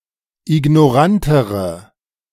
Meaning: inflection of ignorant: 1. strong/mixed nominative/accusative feminine singular comparative degree 2. strong nominative/accusative plural comparative degree
- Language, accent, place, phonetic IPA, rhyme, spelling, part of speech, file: German, Germany, Berlin, [ɪɡnɔˈʁantəʁə], -antəʁə, ignorantere, adjective, De-ignorantere.ogg